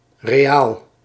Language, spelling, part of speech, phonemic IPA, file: Dutch, reaal, noun, /reˈjal/, Nl-reaal.ogg
- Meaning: reaal